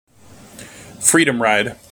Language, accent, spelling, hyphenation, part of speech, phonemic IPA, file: English, General American, freedom ride, free‧dom ride, noun, /ˈfɹidəm ˌɹaɪd/, En-us-freedom ride.mp3